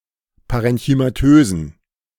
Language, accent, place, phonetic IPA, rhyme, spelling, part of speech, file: German, Germany, Berlin, [ˌpaʁɛnçymaˈtøːzn̩], -øːzn̩, parenchymatösen, adjective, De-parenchymatösen.ogg
- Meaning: inflection of parenchymatös: 1. strong genitive masculine/neuter singular 2. weak/mixed genitive/dative all-gender singular 3. strong/weak/mixed accusative masculine singular 4. strong dative plural